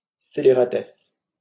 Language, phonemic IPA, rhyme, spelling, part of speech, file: French, /se.le.ʁa.tɛs/, -ɛs, scélératesse, noun, LL-Q150 (fra)-scélératesse.wav
- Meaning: villainy